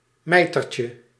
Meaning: diminutive of mijter
- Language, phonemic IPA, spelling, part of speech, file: Dutch, /ˈmɛitərcə/, mijtertje, noun, Nl-mijtertje.ogg